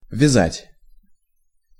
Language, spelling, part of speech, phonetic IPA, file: Russian, вязать, verb, [vʲɪˈzatʲ], Ru-вязать.ogg
- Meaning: 1. to tie up, to bind 2. to knit 3. to be astringent